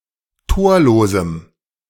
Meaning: strong dative masculine/neuter singular of torlos
- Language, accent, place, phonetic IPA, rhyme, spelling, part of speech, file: German, Germany, Berlin, [ˈtoːɐ̯loːzm̩], -oːɐ̯loːzm̩, torlosem, adjective, De-torlosem.ogg